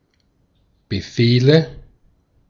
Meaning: nominative/accusative/genitive plural of Befehl
- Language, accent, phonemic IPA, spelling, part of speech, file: German, Austria, /bəˈfeːlə/, Befehle, noun, De-at-Befehle.ogg